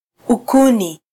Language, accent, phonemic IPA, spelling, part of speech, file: Swahili, Kenya, /uˈku.ni/, ukuni, noun, Sw-ke-ukuni.flac
- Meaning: 1. a piece of wood 2. firewood